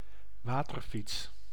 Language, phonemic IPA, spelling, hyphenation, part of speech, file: Dutch, /ˈʋaː.tərˌfits/, waterfiets, wa‧ter‧fiets, noun, Nl-waterfiets.ogg
- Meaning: a pedalo (pedalboat)